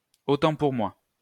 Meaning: 1. my bad, my mistake, silly me, I stand corrected 2. same for me; I'll have the same; I'll take that as well
- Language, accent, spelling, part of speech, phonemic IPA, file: French, France, autant pour moi, interjection, /o.tɑ̃ puʁ mwa/, LL-Q150 (fra)-autant pour moi.wav